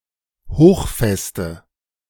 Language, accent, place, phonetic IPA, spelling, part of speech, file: German, Germany, Berlin, [ˈhoːxˌfɛstə], hochfeste, adjective, De-hochfeste.ogg
- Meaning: inflection of hochfest: 1. strong/mixed nominative/accusative feminine singular 2. strong nominative/accusative plural 3. weak nominative all-gender singular